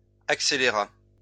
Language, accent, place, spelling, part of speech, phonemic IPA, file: French, France, Lyon, accéléra, verb, /ak.se.le.ʁa/, LL-Q150 (fra)-accéléra.wav
- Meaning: third-person singular past historic of accélérer